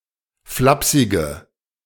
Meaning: inflection of flapsig: 1. strong/mixed nominative/accusative feminine singular 2. strong nominative/accusative plural 3. weak nominative all-gender singular 4. weak accusative feminine/neuter singular
- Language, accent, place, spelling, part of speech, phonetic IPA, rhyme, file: German, Germany, Berlin, flapsige, adjective, [ˈflapsɪɡə], -apsɪɡə, De-flapsige.ogg